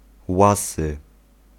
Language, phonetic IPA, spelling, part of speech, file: Polish, [ˈwasɨ], łasy, adjective, Pl-łasy.ogg